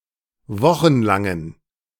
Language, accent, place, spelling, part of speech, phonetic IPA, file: German, Germany, Berlin, wochenlangen, adjective, [ˈvɔxn̩ˌlaŋən], De-wochenlangen.ogg
- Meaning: inflection of wochenlang: 1. strong genitive masculine/neuter singular 2. weak/mixed genitive/dative all-gender singular 3. strong/weak/mixed accusative masculine singular 4. strong dative plural